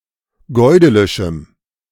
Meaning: strong dative masculine/neuter singular of goidelisch
- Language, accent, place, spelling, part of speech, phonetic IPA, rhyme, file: German, Germany, Berlin, goidelischem, adjective, [ɡɔɪ̯ˈdeːlɪʃm̩], -eːlɪʃm̩, De-goidelischem.ogg